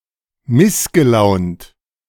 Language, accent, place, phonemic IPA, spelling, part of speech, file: German, Germany, Berlin, /ˈmɪsɡəˌlaʊ̯nt/, missgelaunt, adjective, De-missgelaunt.ogg
- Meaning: sullen, moody, grumpy